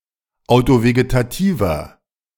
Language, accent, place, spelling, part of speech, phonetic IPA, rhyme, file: German, Germany, Berlin, autovegetativer, adjective, [aʊ̯toveɡetaˈtiːvɐ], -iːvɐ, De-autovegetativer.ogg
- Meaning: inflection of autovegetativ: 1. strong/mixed nominative masculine singular 2. strong genitive/dative feminine singular 3. strong genitive plural